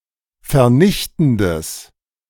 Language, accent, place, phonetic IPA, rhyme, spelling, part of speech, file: German, Germany, Berlin, [fɛɐ̯ˈnɪçtn̩dəs], -ɪçtn̩dəs, vernichtendes, adjective, De-vernichtendes.ogg
- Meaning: strong/mixed nominative/accusative neuter singular of vernichtend